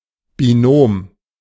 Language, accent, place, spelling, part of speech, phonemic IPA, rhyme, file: German, Germany, Berlin, Binom, noun, /biˈnoːm/, -oːm, De-Binom.ogg
- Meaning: binomial